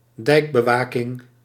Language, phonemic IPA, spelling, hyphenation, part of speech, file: Dutch, /ˈdɛi̯k.bəˌʋaː.kɪŋ/, dijkbewaking, dijk‧be‧wa‧king, noun, Nl-dijkbewaking.ogg
- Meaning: the act of guarding a dike during a storm or other threat